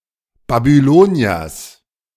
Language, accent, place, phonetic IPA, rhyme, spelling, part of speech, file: German, Germany, Berlin, [babyˈloːni̯ɐs], -oːni̯ɐs, Babyloniers, noun, De-Babyloniers.ogg
- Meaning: genitive singular of Babylonier